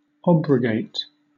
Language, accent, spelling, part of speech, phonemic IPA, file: English, Southern England, obrogate, verb, /ˈɒbɹəɡeɪt/, LL-Q1860 (eng)-obrogate.wav
- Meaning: To annul a law by enacting a new law, as opposed to repealing the former law